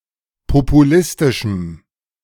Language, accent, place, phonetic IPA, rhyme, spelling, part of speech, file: German, Germany, Berlin, [popuˈlɪstɪʃm̩], -ɪstɪʃm̩, populistischem, adjective, De-populistischem.ogg
- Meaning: strong dative masculine/neuter singular of populistisch